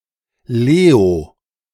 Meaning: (proper noun) 1. a male given name, clipping of Leopold 2. a male given name, clipping of Leonhard
- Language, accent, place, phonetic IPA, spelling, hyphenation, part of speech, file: German, Germany, Berlin, [ˈleːo], Leo, Le‧o, proper noun / noun, De-Leo.ogg